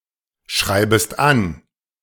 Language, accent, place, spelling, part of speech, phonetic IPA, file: German, Germany, Berlin, schreibest an, verb, [ˌʃʁaɪ̯bəst ˈan], De-schreibest an.ogg
- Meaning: second-person singular subjunctive I of anschreiben